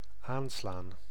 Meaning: 1. to strike physically so as to activate or produce an effect 2. to tax (a taxable person) with a tax assessment 3. to start, to kick in, to switch on 4. to start barking (as a sign of alarm)
- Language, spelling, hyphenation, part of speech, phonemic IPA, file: Dutch, aanslaan, aan‧slaan, verb, /ˈaːnslaːn/, Nl-aanslaan.ogg